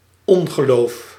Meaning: disbelief
- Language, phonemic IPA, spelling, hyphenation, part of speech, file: Dutch, /ˈɔŋɣəˌlof/, ongeloof, on‧ge‧loof, noun, Nl-ongeloof.ogg